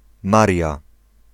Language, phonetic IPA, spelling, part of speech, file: Polish, [ˈmarʲja], Maria, proper noun, Pl-Maria.ogg